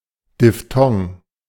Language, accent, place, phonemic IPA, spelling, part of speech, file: German, Germany, Berlin, /dɪfˈtɔŋ/, Diphthong, noun, De-Diphthong.ogg
- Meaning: diphthong